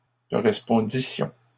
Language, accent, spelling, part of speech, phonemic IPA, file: French, Canada, correspondissions, verb, /kɔ.ʁɛs.pɔ̃.di.sjɔ̃/, LL-Q150 (fra)-correspondissions.wav
- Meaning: first-person plural imperfect subjunctive of correspondre